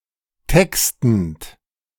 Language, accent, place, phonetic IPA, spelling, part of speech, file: German, Germany, Berlin, [ˈtɛkstn̩t], textend, verb, De-textend.ogg
- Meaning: present participle of texten